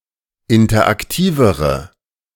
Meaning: inflection of interaktiv: 1. strong/mixed nominative/accusative feminine singular comparative degree 2. strong nominative/accusative plural comparative degree
- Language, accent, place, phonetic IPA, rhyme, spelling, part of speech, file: German, Germany, Berlin, [ˌɪntɐʔakˈtiːvəʁə], -iːvəʁə, interaktivere, adjective, De-interaktivere.ogg